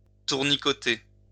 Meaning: to flit around
- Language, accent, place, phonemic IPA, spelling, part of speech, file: French, France, Lyon, /tuʁ.ni.kɔ.te/, tournicoter, verb, LL-Q150 (fra)-tournicoter.wav